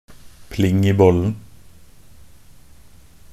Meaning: crazy, insane
- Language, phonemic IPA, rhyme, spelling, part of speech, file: Norwegian Bokmål, /plɪŋ iː bɔlːn̩/, -ɔlːn̩, pling i bollen, adjective, Nb-pling i bollen.ogg